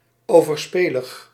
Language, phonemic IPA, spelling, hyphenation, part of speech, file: Dutch, /ˌoː.vərˈspeː.ləx/, overspelig, over‧spe‧lig, adjective, Nl-overspelig.ogg
- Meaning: adulterous